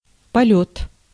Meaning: 1. flight, flying 2. Polyot (Soviet interim orbital carrier rocket)
- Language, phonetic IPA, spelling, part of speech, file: Russian, [pɐˈlʲɵt], полёт, noun, Ru-полёт.ogg